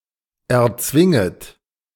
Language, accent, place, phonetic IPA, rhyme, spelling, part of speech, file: German, Germany, Berlin, [ɛɐ̯ˈt͡svɪŋət], -ɪŋət, erzwinget, verb, De-erzwinget.ogg
- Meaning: second-person plural subjunctive I of erzwingen